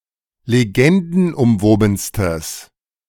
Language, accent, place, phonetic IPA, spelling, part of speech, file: German, Germany, Berlin, [leˈɡɛndn̩ʔʊmˌvoːbn̩stəs], legendenumwobenstes, adjective, De-legendenumwobenstes.ogg
- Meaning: strong/mixed nominative/accusative neuter singular superlative degree of legendenumwoben